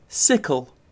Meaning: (noun) An implement having a semicircular blade and short handle, used for cutting long grass and cereal crops
- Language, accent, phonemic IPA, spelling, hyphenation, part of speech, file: English, UK, /ˈsɪkl̩/, sickle, sic‧kle, noun / verb, En-uk-sickle.ogg